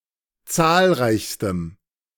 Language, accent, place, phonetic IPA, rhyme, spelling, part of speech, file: German, Germany, Berlin, [ˈt͡saːlˌʁaɪ̯çstəm], -aːlʁaɪ̯çstəm, zahlreichstem, adjective, De-zahlreichstem.ogg
- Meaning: strong dative masculine/neuter singular superlative degree of zahlreich